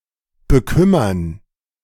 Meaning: to trouble
- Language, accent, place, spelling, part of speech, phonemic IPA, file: German, Germany, Berlin, bekümmern, verb, /bəˈkʏmɐn/, De-bekümmern.ogg